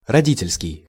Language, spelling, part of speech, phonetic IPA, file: Russian, родительский, adjective, [rɐˈdʲitʲɪlʲskʲɪj], Ru-родительский.ogg
- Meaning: parent; parental